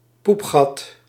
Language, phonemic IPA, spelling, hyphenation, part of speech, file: Dutch, /ˈpup.xɑt/, poepgat, poep‧gat, noun, Nl-poepgat.ogg
- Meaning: anus, butthole